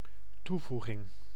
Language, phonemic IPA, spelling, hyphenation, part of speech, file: Dutch, /ˈtuˌvu.ɣɪŋ/, toevoeging, toe‧voe‧ging, noun, Nl-toevoeging.ogg
- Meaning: addition